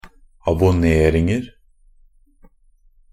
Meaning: indefinite plural of abonnering
- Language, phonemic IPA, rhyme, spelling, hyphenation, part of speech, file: Norwegian Bokmål, /abʊˈneːrɪŋər/, -ər, abonneringer, ab‧on‧ne‧ring‧er, noun, NB - Pronunciation of Norwegian Bokmål «abonneringer».ogg